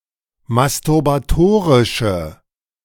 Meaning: inflection of masturbatorisch: 1. strong/mixed nominative/accusative feminine singular 2. strong nominative/accusative plural 3. weak nominative all-gender singular
- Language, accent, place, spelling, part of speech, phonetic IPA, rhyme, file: German, Germany, Berlin, masturbatorische, adjective, [mastʊʁbaˈtoːʁɪʃə], -oːʁɪʃə, De-masturbatorische.ogg